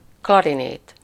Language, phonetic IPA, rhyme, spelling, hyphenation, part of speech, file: Hungarian, [ˈklɒrineːt], -eːt, klarinét, kla‧ri‧nét, noun, Hu-klarinét.ogg
- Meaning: clarinet (woodwind musical instrument)